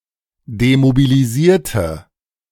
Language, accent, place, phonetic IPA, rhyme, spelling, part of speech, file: German, Germany, Berlin, [demobiliˈziːɐ̯tə], -iːɐ̯tə, demobilisierte, adjective / verb, De-demobilisierte.ogg
- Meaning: inflection of demobilisieren: 1. first/third-person singular preterite 2. first/third-person singular subjunctive II